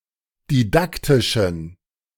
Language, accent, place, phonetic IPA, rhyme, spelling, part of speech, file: German, Germany, Berlin, [diˈdaktɪʃn̩], -aktɪʃn̩, didaktischen, adjective, De-didaktischen.ogg
- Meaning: inflection of didaktisch: 1. strong genitive masculine/neuter singular 2. weak/mixed genitive/dative all-gender singular 3. strong/weak/mixed accusative masculine singular 4. strong dative plural